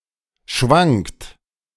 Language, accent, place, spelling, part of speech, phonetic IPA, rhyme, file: German, Germany, Berlin, schwankt, verb, [ʃvaŋkt], -aŋkt, De-schwankt.ogg
- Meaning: inflection of schwanken: 1. third-person singular present 2. second-person plural present 3. plural imperative